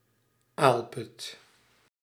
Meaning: basin for storing manure
- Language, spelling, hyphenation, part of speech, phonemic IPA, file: Dutch, aalput, aal‧put, noun, /ˈaːl.pʏt/, Nl-aalput.ogg